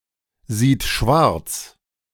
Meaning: third-person singular present of schwarzsehen
- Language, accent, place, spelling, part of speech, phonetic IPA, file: German, Germany, Berlin, sieht schwarz, verb, [ˌziːt ˈʃvaʁt͡s], De-sieht schwarz.ogg